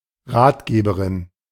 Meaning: female equivalent of Ratgeber
- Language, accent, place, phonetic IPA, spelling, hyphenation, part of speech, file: German, Germany, Berlin, [ˈʁaːtˌɡeːbəʁɪn], Ratgeberin, Rat‧ge‧be‧rin, noun, De-Ratgeberin.ogg